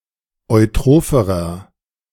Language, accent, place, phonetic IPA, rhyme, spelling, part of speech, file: German, Germany, Berlin, [ɔɪ̯ˈtʁoːfəʁɐ], -oːfəʁɐ, eutropherer, adjective, De-eutropherer.ogg
- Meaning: inflection of eutroph: 1. strong/mixed nominative masculine singular comparative degree 2. strong genitive/dative feminine singular comparative degree 3. strong genitive plural comparative degree